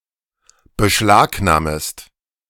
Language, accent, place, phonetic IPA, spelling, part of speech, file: German, Germany, Berlin, [bəˈʃlaːkˌnaːməst], beschlagnahmest, verb, De-beschlagnahmest.ogg
- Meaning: second-person singular subjunctive I of beschlagnahmen